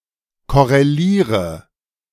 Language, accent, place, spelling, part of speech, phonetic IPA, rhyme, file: German, Germany, Berlin, korreliere, verb, [ˌkɔʁeˈliːʁə], -iːʁə, De-korreliere.ogg
- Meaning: inflection of korrelieren: 1. first-person singular present 2. first/third-person singular subjunctive I 3. singular imperative